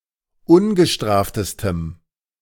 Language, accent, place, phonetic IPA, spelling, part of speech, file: German, Germany, Berlin, [ˈʊnɡəˌʃtʁaːftəstəm], ungestraftestem, adjective, De-ungestraftestem.ogg
- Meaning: strong dative masculine/neuter singular superlative degree of ungestraft